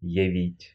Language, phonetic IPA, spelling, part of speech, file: Russian, [(j)ɪˈvʲitʲ], явить, verb, Ru-явить.ogg
- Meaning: to show (to have someone see something)